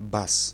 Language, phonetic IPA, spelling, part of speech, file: Polish, [bas], bas, noun, Pl-bas.ogg